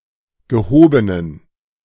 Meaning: inflection of gehoben: 1. strong genitive masculine/neuter singular 2. weak/mixed genitive/dative all-gender singular 3. strong/weak/mixed accusative masculine singular 4. strong dative plural
- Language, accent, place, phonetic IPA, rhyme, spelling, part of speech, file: German, Germany, Berlin, [ɡəˈhoːbənən], -oːbənən, gehobenen, adjective, De-gehobenen.ogg